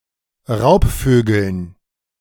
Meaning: dative plural of Raubvogel
- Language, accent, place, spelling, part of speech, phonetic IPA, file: German, Germany, Berlin, Raubvögeln, noun, [ˈʁaʊ̯pˌføːɡl̩n], De-Raubvögeln.ogg